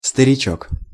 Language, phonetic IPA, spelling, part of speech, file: Russian, [stərʲɪˈt͡ɕɵk], старичок, noun, Ru-старичок.ogg
- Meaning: diminutive of стари́к (starík) little old man